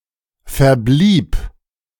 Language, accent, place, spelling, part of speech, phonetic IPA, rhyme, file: German, Germany, Berlin, verblieb, verb, [fɛɐ̯ˈbliːp], -iːp, De-verblieb.ogg
- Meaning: first/third-person singular preterite of verbleiben